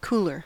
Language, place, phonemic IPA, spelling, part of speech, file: English, California, /ˈku.lɚ/, cooler, noun / adjective, En-us-cooler.ogg
- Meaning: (noun) 1. Anything which cools 2. An insulated bin or box used with ice or freezer packs to keep food or beverages cold while picnicking or camping